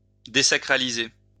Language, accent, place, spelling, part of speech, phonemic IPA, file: French, France, Lyon, désacraliser, verb, /de.sa.kʁa.li.ze/, LL-Q150 (fra)-désacraliser.wav
- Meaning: to deconsecrate